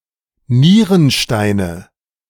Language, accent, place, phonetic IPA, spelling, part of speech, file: German, Germany, Berlin, [ˈniːʁənˌʃtaɪ̯nə], Nierensteine, noun, De-Nierensteine.ogg
- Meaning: nominative/accusative/genitive plural of Nierenstein